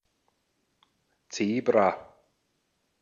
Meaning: zebra
- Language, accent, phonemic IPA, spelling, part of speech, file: German, Austria, /ˈtseːbʁa/, Zebra, noun, De-at-Zebra.ogg